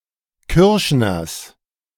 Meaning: genitive singular of Kürschner
- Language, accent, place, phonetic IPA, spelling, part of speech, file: German, Germany, Berlin, [ˈkʏʁʃnɐs], Kürschners, noun, De-Kürschners.ogg